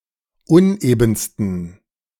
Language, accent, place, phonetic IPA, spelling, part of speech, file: German, Germany, Berlin, [ˈʊnʔeːbn̩stən], unebensten, adjective, De-unebensten.ogg
- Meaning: 1. superlative degree of uneben 2. inflection of uneben: strong genitive masculine/neuter singular superlative degree